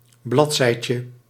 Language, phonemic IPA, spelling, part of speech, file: Dutch, /ˈblɑtsɛicə/, bladzijtje, noun, Nl-bladzijtje.ogg
- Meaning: diminutive of bladzij